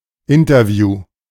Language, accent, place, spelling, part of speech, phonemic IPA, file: German, Germany, Berlin, Interview, noun, /ˈɪntɐˌvjuː/, De-Interview.ogg
- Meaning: interview (journalistic dialogue)